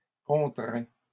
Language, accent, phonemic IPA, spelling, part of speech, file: French, Canada, /kɔ̃.tʁɛ̃/, contraints, adjective / verb, LL-Q150 (fra)-contraints.wav
- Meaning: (adjective) masculine plural of contraint